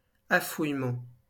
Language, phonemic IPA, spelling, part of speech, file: French, /a.fuj.mɑ̃/, affouillement, noun, LL-Q150 (fra)-affouillement.wav
- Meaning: scouring (by running water)